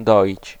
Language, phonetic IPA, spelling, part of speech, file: Polish, [ˈdɔʲit͡ɕ], doić, verb, Pl-doić.ogg